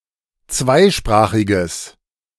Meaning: strong/mixed nominative/accusative neuter singular of zweisprachig
- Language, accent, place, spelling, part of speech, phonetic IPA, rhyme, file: German, Germany, Berlin, zweisprachiges, adjective, [ˈt͡svaɪ̯ˌʃpʁaːxɪɡəs], -aɪ̯ʃpʁaːxɪɡəs, De-zweisprachiges.ogg